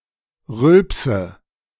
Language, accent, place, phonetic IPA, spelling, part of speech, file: German, Germany, Berlin, [ˈʁʏlpsə], Rülpse, noun, De-Rülpse.ogg
- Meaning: nominative/accusative/genitive plural of Rülps